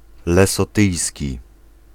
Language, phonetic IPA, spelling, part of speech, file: Polish, [ˌlɛsɔˈtɨjsʲci], lesotyjski, adjective, Pl-lesotyjski.ogg